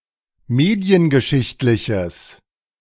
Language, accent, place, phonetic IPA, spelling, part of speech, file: German, Germany, Berlin, [ˈmeːdi̯ənɡəˌʃɪçtlɪçəs], mediengeschichtliches, adjective, De-mediengeschichtliches.ogg
- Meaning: strong/mixed nominative/accusative neuter singular of mediengeschichtlich